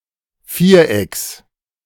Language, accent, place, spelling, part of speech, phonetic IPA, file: German, Germany, Berlin, Vierecks, noun, [ˈfiːɐ̯ˌʔɛks], De-Vierecks.ogg
- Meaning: genitive singular of Viereck